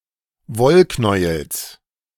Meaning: genitive of Wollknäuel
- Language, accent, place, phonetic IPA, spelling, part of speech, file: German, Germany, Berlin, [ˈvɔlˌknɔɪ̯əls], Wollknäuels, noun, De-Wollknäuels.ogg